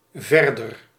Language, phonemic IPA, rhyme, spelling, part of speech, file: Dutch, /ˈvɛr.dər/, -ɛrdər, verder, adjective / adverb, Nl-verder.ogg
- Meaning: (adjective) comparative degree of ver; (adverb) 1. further 2. furthermore, on top of that, otherwise, for the rest